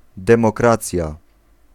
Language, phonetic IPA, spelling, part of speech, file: Polish, [ˌdɛ̃mɔˈkrat͡sʲja], demokracja, noun, Pl-demokracja.ogg